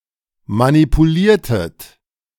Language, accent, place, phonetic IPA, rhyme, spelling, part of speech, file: German, Germany, Berlin, [manipuˈliːɐ̯tət], -iːɐ̯tət, manipuliertet, verb, De-manipuliertet.ogg
- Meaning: inflection of manipulieren: 1. second-person plural preterite 2. second-person plural subjunctive II